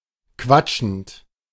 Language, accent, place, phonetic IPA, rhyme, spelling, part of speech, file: German, Germany, Berlin, [ˈkvat͡ʃn̩t], -at͡ʃn̩t, quatschend, verb, De-quatschend.ogg
- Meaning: present participle of quatschen